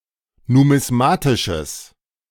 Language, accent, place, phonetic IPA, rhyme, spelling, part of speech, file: German, Germany, Berlin, [numɪsˈmaːtɪʃəs], -aːtɪʃəs, numismatisches, adjective, De-numismatisches.ogg
- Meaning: strong/mixed nominative/accusative neuter singular of numismatisch